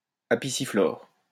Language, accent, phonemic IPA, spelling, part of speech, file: French, France, /a.pi.si.flɔʁ/, apiciflore, adjective, LL-Q150 (fra)-apiciflore.wav
- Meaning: apicifloral